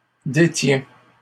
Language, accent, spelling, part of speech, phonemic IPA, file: French, Canada, détiens, verb, /de.tjɛ̃/, LL-Q150 (fra)-détiens.wav
- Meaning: inflection of détenir: 1. first/second-person singular present indicative 2. second-person singular imperative